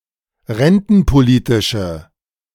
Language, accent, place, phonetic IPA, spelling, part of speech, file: German, Germany, Berlin, [ˈʁɛntn̩poˌliːtɪʃə], rentenpolitische, adjective, De-rentenpolitische.ogg
- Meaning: inflection of rentenpolitisch: 1. strong/mixed nominative/accusative feminine singular 2. strong nominative/accusative plural 3. weak nominative all-gender singular